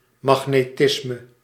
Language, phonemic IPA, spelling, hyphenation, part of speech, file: Dutch, /mɑxneˈtɪsmə/, magnetisme, mag‧ne‧tis‧me, noun, Nl-magnetisme.ogg
- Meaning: magnetism